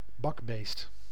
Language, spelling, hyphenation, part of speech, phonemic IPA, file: Dutch, bakbeest, bak‧beest, noun, /ˈbɑkbeːst/, Nl-bakbeest.ogg
- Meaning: 1. whopper, hulk (any particularly large object, person or animal) 2. drunk, drunkard